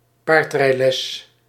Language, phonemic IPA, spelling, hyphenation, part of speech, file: Dutch, /ˈpaːrt.rɛi̯ˌlɛs/, paardrijles, paard‧rij‧les, noun, Nl-paardrijles.ogg
- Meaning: a horse-riding lesson; a lesson or education in horse riding